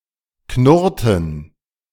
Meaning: inflection of knurren: 1. first/third-person plural preterite 2. first/third-person plural subjunctive II
- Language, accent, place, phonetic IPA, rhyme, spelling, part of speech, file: German, Germany, Berlin, [ˈknʊʁtn̩], -ʊʁtn̩, knurrten, verb, De-knurrten.ogg